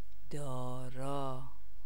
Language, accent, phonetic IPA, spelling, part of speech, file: Persian, Iran, [d̪ɒː.ɹɒ́ː], دارا, adjective / proper noun, Fa-دارا.ogg
- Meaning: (adjective) 1. possessing; having; possessed of; with the quality of 2. wealthy; rich; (proper noun) Dara, a legendary version of Darius III who was defeated by Alexander